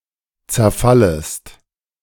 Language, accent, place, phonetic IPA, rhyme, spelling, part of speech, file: German, Germany, Berlin, [t͡sɛɐ̯ˈfaləst], -aləst, zerfallest, verb, De-zerfallest.ogg
- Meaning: second-person singular subjunctive I of zerfallen